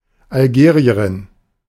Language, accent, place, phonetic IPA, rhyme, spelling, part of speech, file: German, Germany, Berlin, [alˈɡeːʁiəʁɪn], -eːʁiəʁɪn, Algerierin, noun, De-Algerierin.ogg
- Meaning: Algerian (female), a girl or woman from Algeria